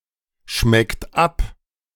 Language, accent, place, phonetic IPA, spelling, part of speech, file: German, Germany, Berlin, [ˌʃmɛkt ˈap], schmeckt ab, verb, De-schmeckt ab.ogg
- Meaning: inflection of abschmecken: 1. second-person plural present 2. third-person singular present 3. plural imperative